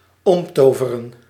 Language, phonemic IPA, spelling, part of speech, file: Dutch, /ˈɔmtovərə(n)/, omtoveren, verb, Nl-omtoveren.ogg
- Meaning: 1. to transmogrify, to turn into using magic 2. to revamp